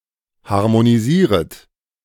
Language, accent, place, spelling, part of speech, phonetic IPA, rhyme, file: German, Germany, Berlin, harmonisieret, verb, [haʁmoniˈziːʁət], -iːʁət, De-harmonisieret.ogg
- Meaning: second-person plural subjunctive I of harmonisieren